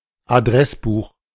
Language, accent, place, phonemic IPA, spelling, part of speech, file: German, Germany, Berlin, /aˈdʁɛsˌbuːχ/, Adressbuch, noun, De-Adressbuch.ogg
- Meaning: address book